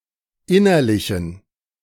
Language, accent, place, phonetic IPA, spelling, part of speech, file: German, Germany, Berlin, [ˈɪnɐlɪçn̩], innerlichen, adjective, De-innerlichen.ogg
- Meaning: inflection of innerlich: 1. strong genitive masculine/neuter singular 2. weak/mixed genitive/dative all-gender singular 3. strong/weak/mixed accusative masculine singular 4. strong dative plural